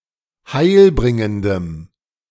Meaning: strong dative masculine/neuter singular of heilbringend
- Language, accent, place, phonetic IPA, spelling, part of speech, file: German, Germany, Berlin, [ˈhaɪ̯lˌbʁɪŋəndəm], heilbringendem, adjective, De-heilbringendem.ogg